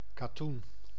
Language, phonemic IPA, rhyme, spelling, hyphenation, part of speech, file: Dutch, /kaːˈtun/, -un, katoen, ka‧toen, noun, Nl-katoen.ogg
- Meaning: 1. cotton, plant of the genus Gossypium 2. cotton (fabric)